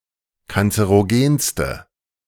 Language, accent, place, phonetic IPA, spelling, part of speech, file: German, Germany, Berlin, [kant͡səʁoˈɡeːnstə], kanzerogenste, adjective, De-kanzerogenste.ogg
- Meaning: inflection of kanzerogen: 1. strong/mixed nominative/accusative feminine singular superlative degree 2. strong nominative/accusative plural superlative degree